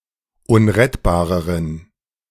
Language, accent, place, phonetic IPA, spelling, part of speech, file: German, Germany, Berlin, [ˈʊnʁɛtbaːʁəʁən], unrettbareren, adjective, De-unrettbareren.ogg
- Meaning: inflection of unrettbar: 1. strong genitive masculine/neuter singular comparative degree 2. weak/mixed genitive/dative all-gender singular comparative degree